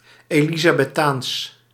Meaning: Elizabethan (pertaining to the person, rule or period of Elizabeth I of England)
- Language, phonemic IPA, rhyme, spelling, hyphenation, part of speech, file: Dutch, /ˌeː.li.zaː.bɛˈtaːns/, -aːns, elizabethaans, eli‧za‧be‧thaans, adjective, Nl-elizabethaans.ogg